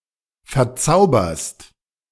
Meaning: second-person singular present of verzaubern
- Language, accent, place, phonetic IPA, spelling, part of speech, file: German, Germany, Berlin, [fɛɐ̯ˈt͡saʊ̯bɐst], verzauberst, verb, De-verzauberst.ogg